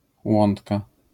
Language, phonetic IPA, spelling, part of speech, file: Polish, [ˈwɔ̃ntka], łątka, noun, LL-Q809 (pol)-łątka.wav